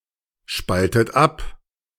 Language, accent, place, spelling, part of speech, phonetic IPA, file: German, Germany, Berlin, spaltet ab, verb, [ˌʃpaltət ˈap], De-spaltet ab.ogg
- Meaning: inflection of abspalten: 1. third-person singular present 2. second-person plural present 3. second-person plural subjunctive I 4. plural imperative